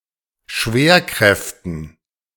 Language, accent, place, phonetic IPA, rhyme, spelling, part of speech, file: German, Germany, Berlin, [ˈʃveːɐ̯ˌkʁɛftn̩], -eːɐ̯kʁɛftn̩, Schwerkräften, noun, De-Schwerkräften.ogg
- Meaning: dative plural of Schwerkraft